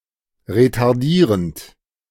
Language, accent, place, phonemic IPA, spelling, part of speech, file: German, Germany, Berlin, /ʁetaʁˈdiːʁənt/, retardierend, verb / adjective, De-retardierend.ogg
- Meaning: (verb) present participle of retardieren; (adjective) retarding, delaying